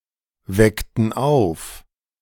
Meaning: inflection of aufwecken: 1. first/third-person plural preterite 2. first/third-person plural subjunctive II
- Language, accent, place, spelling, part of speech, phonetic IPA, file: German, Germany, Berlin, weckten auf, verb, [ˌvɛktn̩ ˈaʊ̯f], De-weckten auf.ogg